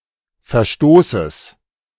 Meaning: genitive singular of Verstoß
- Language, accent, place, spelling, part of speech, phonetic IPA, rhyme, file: German, Germany, Berlin, Verstoßes, noun, [fɛɐ̯ˈʃtoːsəs], -oːsəs, De-Verstoßes.ogg